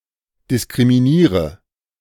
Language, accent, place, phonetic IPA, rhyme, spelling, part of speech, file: German, Germany, Berlin, [dɪskʁimiˈniːʁə], -iːʁə, diskriminiere, verb, De-diskriminiere.ogg
- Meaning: inflection of diskriminieren: 1. first-person singular present 2. first/third-person singular subjunctive I 3. singular imperative